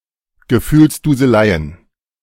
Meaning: plural of Gefühlsduselei
- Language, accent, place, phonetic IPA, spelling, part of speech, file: German, Germany, Berlin, [ɡəˈfyːlsduːzəˌlaɪ̯ən], Gefühlsduseleien, noun, De-Gefühlsduseleien.ogg